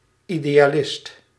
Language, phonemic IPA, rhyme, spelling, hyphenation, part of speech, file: Dutch, /ˌi.deː.aːˈlɪst/, -ɪst, idealist, ide‧a‧list, noun, Nl-idealist.ogg
- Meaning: an idealist